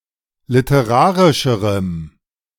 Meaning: strong dative masculine/neuter singular comparative degree of literarisch
- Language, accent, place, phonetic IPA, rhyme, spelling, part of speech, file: German, Germany, Berlin, [lɪtəˈʁaːʁɪʃəʁəm], -aːʁɪʃəʁəm, literarischerem, adjective, De-literarischerem.ogg